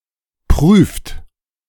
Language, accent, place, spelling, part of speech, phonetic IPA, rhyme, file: German, Germany, Berlin, prüft, verb, [pʁyːft], -yːft, De-prüft.ogg
- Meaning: inflection of prüfen: 1. third-person singular present 2. second-person plural present 3. plural imperative